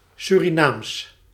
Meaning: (adjective) Surinamese; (proper noun) Sranan Tongo (language)
- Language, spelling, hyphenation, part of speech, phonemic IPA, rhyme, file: Dutch, Surinaams, Su‧ri‧naams, adjective / proper noun, /ˌsyriˈnaːms/, -aːms, Nl-Surinaams.ogg